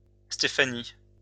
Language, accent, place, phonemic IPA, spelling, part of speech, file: French, France, Lyon, /ste.fa.ni/, Stéphanie, proper noun, LL-Q150 (fra)-Stéphanie.wav
- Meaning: a female given name, masculine equivalent Stéphane [=Stephen], equivalent to English Stephanie